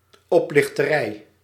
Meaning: swindle, scam
- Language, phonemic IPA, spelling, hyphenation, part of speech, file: Dutch, /ˌɔplɪxtəˈrɛi/, oplichterij, op‧lich‧te‧rij, noun, Nl-oplichterij.ogg